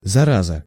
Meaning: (noun) 1. infection, contagion, pest 2. scumbag, bastard; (interjection) damn it
- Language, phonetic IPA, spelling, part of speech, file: Russian, [zɐˈrazə], зараза, noun / interjection, Ru-зараза.ogg